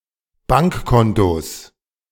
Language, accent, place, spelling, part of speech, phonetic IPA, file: German, Germany, Berlin, Bankkontos, noun, [ˈbaŋkˌkɔntoːs], De-Bankkontos.ogg
- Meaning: genitive singular of Bankkonto